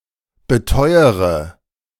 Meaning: inflection of beteuern: 1. first-person singular present 2. first-person plural subjunctive I 3. third-person singular subjunctive I 4. singular imperative
- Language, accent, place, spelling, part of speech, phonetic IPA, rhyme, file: German, Germany, Berlin, beteuere, verb, [bəˈtɔɪ̯əʁə], -ɔɪ̯əʁə, De-beteuere.ogg